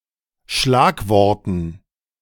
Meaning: dative plural of Schlagwort
- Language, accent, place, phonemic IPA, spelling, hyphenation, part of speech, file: German, Germany, Berlin, /ˈʃlaːkˌvɔʁtn̩/, Schlagworten, Schlag‧wor‧ten, noun, De-Schlagworten.ogg